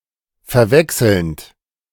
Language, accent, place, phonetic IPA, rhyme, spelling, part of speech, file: German, Germany, Berlin, [fɛɐ̯ˈvɛksl̩nt], -ɛksl̩nt, verwechselnd, verb, De-verwechselnd.ogg
- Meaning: present participle of verwechseln